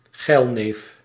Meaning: a horny man, a lecher
- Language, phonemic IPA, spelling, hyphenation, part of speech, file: Dutch, /ˈɣɛi̯l.neːf/, geilneef, geil‧neef, noun, Nl-geilneef.ogg